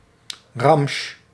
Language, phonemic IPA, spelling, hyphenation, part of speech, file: Dutch, /rɑmʃ/, ramsj, ramsj, noun, Nl-ramsj.ogg
- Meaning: 1. junk 2. sale of old stock at very low prices, often by semi-clandestine vendors 3. sale of new, hard-to-sell books at starkly reduced prices